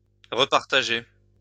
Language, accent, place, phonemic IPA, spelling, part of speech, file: French, France, Lyon, /ʁə.paʁ.ta.ʒe/, repartager, verb, LL-Q150 (fra)-repartager.wav
- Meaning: to share, divide up again